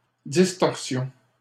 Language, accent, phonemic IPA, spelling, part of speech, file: French, Canada, /dis.tɔʁ.sjɔ̃/, distorsion, noun, LL-Q150 (fra)-distorsion.wav
- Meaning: distortion